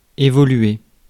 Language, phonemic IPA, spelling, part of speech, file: French, /e.vɔ.lɥe/, évoluer, verb, Fr-évoluer.ogg
- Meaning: 1. to evolve; to change, to develop 2. to play 3. to move (in a given area), to move about